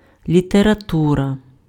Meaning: literature
- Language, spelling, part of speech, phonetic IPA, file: Ukrainian, література, noun, [lʲiterɐˈturɐ], Uk-література.ogg